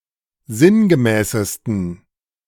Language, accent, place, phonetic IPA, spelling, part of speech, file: German, Germany, Berlin, [ˈzɪnɡəˌmɛːsəstn̩], sinngemäßesten, adjective, De-sinngemäßesten.ogg
- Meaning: 1. superlative degree of sinngemäß 2. inflection of sinngemäß: strong genitive masculine/neuter singular superlative degree